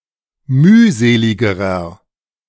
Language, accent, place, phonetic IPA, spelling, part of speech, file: German, Germany, Berlin, [ˈmyːˌzeːlɪɡəʁɐ], mühseligerer, adjective, De-mühseligerer.ogg
- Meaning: inflection of mühselig: 1. strong/mixed nominative masculine singular comparative degree 2. strong genitive/dative feminine singular comparative degree 3. strong genitive plural comparative degree